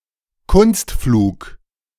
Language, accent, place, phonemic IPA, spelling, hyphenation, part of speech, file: German, Germany, Berlin, /ˈkʊnstˌfluːk/, Kunstflug, Kunst‧flug, noun, De-Kunstflug.ogg
- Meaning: aerobatics